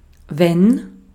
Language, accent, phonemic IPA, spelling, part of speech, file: German, Austria, /vɛn/, wenn, conjunction, De-at-wenn.ogg
- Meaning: 1. when, whenever 2. if (on the condition that)